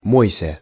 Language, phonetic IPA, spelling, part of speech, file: Russian, [ˈmojsʲə], мойся, verb, Ru-мойся.ogg
- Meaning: second-person singular imperative imperfective of мы́ться (mýtʹsja)